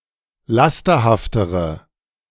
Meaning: inflection of lasterhaft: 1. strong/mixed nominative/accusative feminine singular comparative degree 2. strong nominative/accusative plural comparative degree
- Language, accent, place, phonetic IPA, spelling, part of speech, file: German, Germany, Berlin, [ˈlastɐhaftəʁə], lasterhaftere, adjective, De-lasterhaftere.ogg